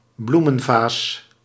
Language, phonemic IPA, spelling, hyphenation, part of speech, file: Dutch, /ˈblu.mə(n)ˌvaːs/, bloemenvaas, bloe‧men‧vaas, noun, Nl-bloemenvaas.ogg
- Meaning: a flower vase